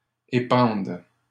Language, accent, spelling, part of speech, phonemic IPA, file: French, Canada, épande, verb, /e.pɑ̃d/, LL-Q150 (fra)-épande.wav
- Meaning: first/third-person singular present subjunctive of épandre